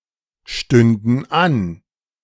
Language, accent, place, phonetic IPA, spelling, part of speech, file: German, Germany, Berlin, [ˌʃtʏndn̩ ˈan], stünden an, verb, De-stünden an.ogg
- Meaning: first/third-person plural subjunctive II of anstehen